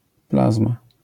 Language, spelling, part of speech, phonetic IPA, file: Polish, plazma, noun, [ˈplazma], LL-Q809 (pol)-plazma.wav